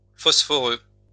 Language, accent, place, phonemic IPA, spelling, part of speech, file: French, France, Lyon, /fɔs.fɔ.ʁø/, phosphoreux, adjective, LL-Q150 (fra)-phosphoreux.wav
- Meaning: phosphorous